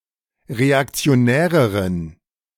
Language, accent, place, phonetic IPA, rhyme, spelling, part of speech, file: German, Germany, Berlin, [ʁeakt͡si̯oˈnɛːʁəʁən], -ɛːʁəʁən, reaktionäreren, adjective, De-reaktionäreren.ogg
- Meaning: inflection of reaktionär: 1. strong genitive masculine/neuter singular comparative degree 2. weak/mixed genitive/dative all-gender singular comparative degree